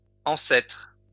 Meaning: plural of ancêtre
- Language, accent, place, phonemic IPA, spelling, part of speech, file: French, France, Lyon, /ɑ̃.sɛtʁ/, ancêtres, noun, LL-Q150 (fra)-ancêtres.wav